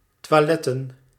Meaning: plural of toilet
- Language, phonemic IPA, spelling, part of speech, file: Dutch, /twaˈlɛtə(n)/, toiletten, noun, Nl-toiletten.ogg